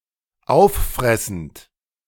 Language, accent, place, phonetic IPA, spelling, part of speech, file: German, Germany, Berlin, [ˈaʊ̯fˌfʁɛsn̩t], auffressend, verb, De-auffressend.ogg
- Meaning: present participle of auffressen